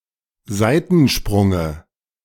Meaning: dative of Seitensprung
- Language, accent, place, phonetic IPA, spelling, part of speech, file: German, Germany, Berlin, [ˈzaɪ̯tn̩ˌʃpʁʊŋə], Seitensprunge, noun, De-Seitensprunge.ogg